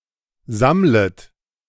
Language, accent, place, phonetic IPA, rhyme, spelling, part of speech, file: German, Germany, Berlin, [ˈzamlət], -amlət, sammlet, verb, De-sammlet.ogg
- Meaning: second-person plural subjunctive I of sammeln